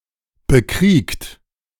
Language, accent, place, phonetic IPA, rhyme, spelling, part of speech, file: German, Germany, Berlin, [bəˈkʁiːkt], -iːkt, bekriegt, verb, De-bekriegt.ogg
- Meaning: 1. past participle of bekriegen 2. inflection of bekriegen: second-person plural present 3. inflection of bekriegen: third-person singular present 4. inflection of bekriegen: plural imperative